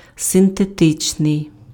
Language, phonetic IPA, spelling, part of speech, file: Ukrainian, [senteˈtɪt͡ʃnei̯], синтетичний, adjective, Uk-синтетичний.ogg
- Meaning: synthetic